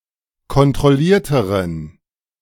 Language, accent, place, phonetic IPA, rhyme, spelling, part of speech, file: German, Germany, Berlin, [kɔntʁɔˈliːɐ̯təʁən], -iːɐ̯təʁən, kontrollierteren, adjective, De-kontrollierteren.ogg
- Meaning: inflection of kontrolliert: 1. strong genitive masculine/neuter singular comparative degree 2. weak/mixed genitive/dative all-gender singular comparative degree